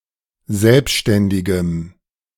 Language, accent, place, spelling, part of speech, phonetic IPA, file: German, Germany, Berlin, selbständigem, adjective, [ˈzɛlpʃtɛndɪɡəm], De-selbständigem.ogg
- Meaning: strong dative masculine/neuter singular of selbständig